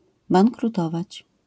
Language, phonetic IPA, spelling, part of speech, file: Polish, [ˌbãŋkruˈtɔvat͡ɕ], bankrutować, verb, LL-Q809 (pol)-bankrutować.wav